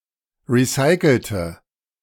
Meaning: inflection of recyceln: 1. first/third-person singular preterite 2. first/third-person singular subjunctive II
- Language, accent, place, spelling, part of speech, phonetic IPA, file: German, Germany, Berlin, recycelte, adjective / verb, [ˌʁiˈsaɪ̯kl̩tə], De-recycelte.ogg